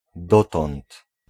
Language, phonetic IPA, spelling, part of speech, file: Polish, [ˈdɔtɔ̃nt], dotąd, pronoun / conjunction, Pl-dotąd.ogg